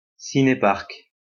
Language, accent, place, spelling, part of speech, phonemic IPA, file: French, France, Lyon, ciné-parc, noun, /si.ne.paʁk/, LL-Q150 (fra)-ciné-parc.wav
- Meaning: a drive-in theatre, a movie theatre where patrons sit in their cars in a parking lot to view the movies